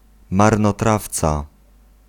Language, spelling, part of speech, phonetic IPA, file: Polish, marnotrawca, noun, [ˌmarnɔˈtraft͡sa], Pl-marnotrawca.ogg